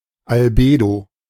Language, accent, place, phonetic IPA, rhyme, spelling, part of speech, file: German, Germany, Berlin, [alˈbeːdo], -eːdo, Albedo, noun, De-Albedo.ogg
- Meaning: albedo (fraction of incident light or radiation reflected by a surface or body)